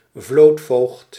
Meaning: admiral, fleet commander
- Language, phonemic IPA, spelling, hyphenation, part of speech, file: Dutch, /ˈvloːt.foːxt/, vlootvoogd, vloot‧voogd, noun, Nl-vlootvoogd.ogg